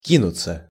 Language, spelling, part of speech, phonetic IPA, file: Russian, кинуться, verb, [ˈkʲinʊt͡sə], Ru-кинуться.ogg
- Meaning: 1. to throw oneself, to fling oneself 2. to dash, to rush 3. passive of ки́нуть (kínutʹ)